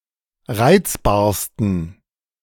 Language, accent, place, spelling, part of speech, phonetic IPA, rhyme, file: German, Germany, Berlin, reizbarsten, adjective, [ˈʁaɪ̯t͡sbaːɐ̯stn̩], -aɪ̯t͡sbaːɐ̯stn̩, De-reizbarsten.ogg
- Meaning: 1. superlative degree of reizbar 2. inflection of reizbar: strong genitive masculine/neuter singular superlative degree